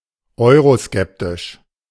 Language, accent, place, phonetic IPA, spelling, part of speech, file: German, Germany, Berlin, [ˈɔɪ̯ʁoˌskɛptɪʃ], euroskeptisch, adjective, De-euroskeptisch.ogg
- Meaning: eurosceptic